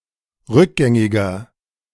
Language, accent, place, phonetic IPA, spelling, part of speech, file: German, Germany, Berlin, [ˈʁʏkˌɡɛŋɪɡɐ], rückgängiger, adjective, De-rückgängiger.ogg
- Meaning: inflection of rückgängig: 1. strong/mixed nominative masculine singular 2. strong genitive/dative feminine singular 3. strong genitive plural